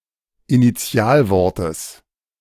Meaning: genitive singular of Initialwort
- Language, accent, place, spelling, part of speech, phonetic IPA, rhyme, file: German, Germany, Berlin, Initialwortes, noun, [iniˈt͡si̯aːlˌvɔʁtəs], -aːlvɔʁtəs, De-Initialwortes.ogg